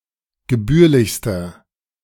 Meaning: inflection of gebührlich: 1. strong/mixed nominative masculine singular superlative degree 2. strong genitive/dative feminine singular superlative degree 3. strong genitive plural superlative degree
- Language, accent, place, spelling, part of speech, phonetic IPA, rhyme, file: German, Germany, Berlin, gebührlichster, adjective, [ɡəˈbyːɐ̯lɪçstɐ], -yːɐ̯lɪçstɐ, De-gebührlichster.ogg